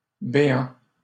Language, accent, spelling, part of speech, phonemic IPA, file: French, Canada, béant, verb / adjective, /be.ɑ̃/, LL-Q150 (fra)-béant.wav
- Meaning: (verb) present participle of béer; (adjective) gaping